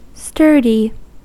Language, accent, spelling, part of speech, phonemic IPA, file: English, US, sturdy, adjective / noun, /ˈstɜrdi/, En-us-sturdy.ogg
- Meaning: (adjective) 1. Of firm build; stiff; stout; strong 2. Solid in structure or person 3. Foolishly obstinate or resolute; stubborn 4. Resolute, in a good sense; or firm, unyielding quality